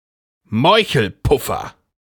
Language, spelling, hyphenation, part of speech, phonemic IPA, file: German, Meuchelpuffer, Meu‧chel‧puf‧fer, noun, /ˈmɔɪ̯çl̩ˌpʊfɐ/, De-Meuchelpuffer.ogg
- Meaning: pistol